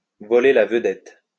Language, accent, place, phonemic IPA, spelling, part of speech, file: French, France, Lyon, /vɔ.le la və.dɛt/, voler la vedette, verb, LL-Q150 (fra)-voler la vedette.wav
- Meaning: to steal someone's thunder, to steal the show from, to steal the limelight from